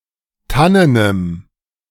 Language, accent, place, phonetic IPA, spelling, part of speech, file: German, Germany, Berlin, [ˈtanənəm], tannenem, adjective, De-tannenem.ogg
- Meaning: strong dative masculine/neuter singular of tannen